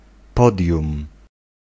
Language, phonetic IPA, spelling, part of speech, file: Polish, [ˈpɔdʲjũm], podium, noun, Pl-podium.ogg